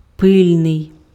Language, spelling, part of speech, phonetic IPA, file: Ukrainian, пильний, adjective, [ˈpɪlʲnei̯], Uk-пильний.ogg
- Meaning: 1. vigilant, watchful, wakeful, attentive 2. urgent, pressing